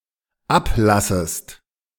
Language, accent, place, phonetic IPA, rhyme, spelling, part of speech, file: German, Germany, Berlin, [ˈapˌlasəst], -aplasəst, ablassest, verb, De-ablassest.ogg
- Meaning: second-person singular dependent subjunctive I of ablassen